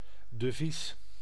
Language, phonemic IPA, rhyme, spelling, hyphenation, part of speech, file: Dutch, /dəˈvis/, -is, devies, de‧vies, noun, Nl-devies.ogg
- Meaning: 1. motto, slogan, watchword 2. security (proof for ownership of bonds) 3. money or an asset in a foreign currency